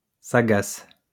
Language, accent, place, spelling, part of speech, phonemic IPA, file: French, France, Lyon, sagace, adjective, /sa.ɡas/, LL-Q150 (fra)-sagace.wav
- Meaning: shrewd, sagacious